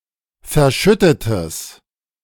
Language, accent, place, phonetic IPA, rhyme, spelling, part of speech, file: German, Germany, Berlin, [fɛɐ̯ˈʃʏtətəs], -ʏtətəs, verschüttetes, adjective, De-verschüttetes.ogg
- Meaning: strong/mixed nominative/accusative neuter singular of verschüttet